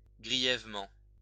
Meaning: seriously
- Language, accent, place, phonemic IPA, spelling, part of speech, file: French, France, Lyon, /ɡʁi.jɛv.mɑ̃/, grièvement, adverb, LL-Q150 (fra)-grièvement.wav